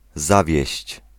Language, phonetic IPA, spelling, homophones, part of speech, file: Polish, [ˈzavʲjɛ̇ɕt͡ɕ], zawieść, zawieźć, verb, Pl-zawieść.ogg